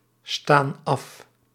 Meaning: inflection of afstaan: 1. plural present indicative 2. plural present subjunctive
- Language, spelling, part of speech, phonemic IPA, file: Dutch, staan af, verb, /ˈstan ˈɑf/, Nl-staan af.ogg